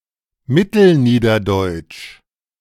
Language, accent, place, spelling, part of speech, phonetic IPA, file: German, Germany, Berlin, mittelniederdeutsch, adjective, [ˈmɪtl̩ˌniːdɐdɔɪ̯t͡ʃ], De-mittelniederdeutsch.ogg
- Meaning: Middle Low German (related to the Middle Low German language)